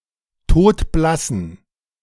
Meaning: inflection of todblass: 1. strong genitive masculine/neuter singular 2. weak/mixed genitive/dative all-gender singular 3. strong/weak/mixed accusative masculine singular 4. strong dative plural
- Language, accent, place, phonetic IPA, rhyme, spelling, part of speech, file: German, Germany, Berlin, [ˈtoːtˈblasn̩], -asn̩, todblassen, adjective, De-todblassen.ogg